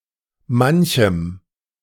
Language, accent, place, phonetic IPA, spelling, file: German, Germany, Berlin, [ˈmançəm], manchem, De-manchem.ogg
- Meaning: dative masculine/neuter singular of manch